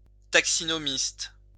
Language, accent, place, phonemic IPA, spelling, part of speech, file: French, France, Lyon, /tak.si.nɔ.mist/, taxinomiste, noun, LL-Q150 (fra)-taxinomiste.wav
- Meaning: taxonomist